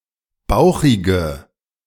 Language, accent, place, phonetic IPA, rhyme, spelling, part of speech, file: German, Germany, Berlin, [ˈbaʊ̯xɪɡə], -aʊ̯xɪɡə, bauchige, adjective, De-bauchige.ogg
- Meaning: inflection of bauchig: 1. strong/mixed nominative/accusative feminine singular 2. strong nominative/accusative plural 3. weak nominative all-gender singular 4. weak accusative feminine/neuter singular